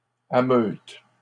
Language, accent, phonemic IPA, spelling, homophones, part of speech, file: French, Canada, /a.møt/, ameutes, ameute / ameutent, verb, LL-Q150 (fra)-ameutes.wav
- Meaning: second-person singular present indicative/subjunctive of ameuter